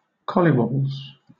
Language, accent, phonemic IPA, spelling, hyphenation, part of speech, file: English, Southern England, /ˈkɒlɪwɒb(ə)lz/, collywobbles, col‧ly‧wob‧bles, noun, LL-Q1860 (eng)-collywobbles.wav
- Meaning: 1. A stomach ache or an upset stomach 2. Anxiety, fear, uneasiness